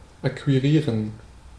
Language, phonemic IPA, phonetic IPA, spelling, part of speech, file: German, /akviˈʁiːʁən/, [ʔakʰviˈʁiːɐ̯n], akquirieren, verb, De-akquirieren.ogg
- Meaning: to acquire (to gain, usually by one's own exertions; to get as one's own)